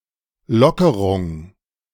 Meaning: easing, loosening, relaxation
- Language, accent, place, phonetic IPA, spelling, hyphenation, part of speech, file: German, Germany, Berlin, [ˈlɔkəʁʊŋ], Lockerung, Lo‧cke‧rung, noun, De-Lockerung.ogg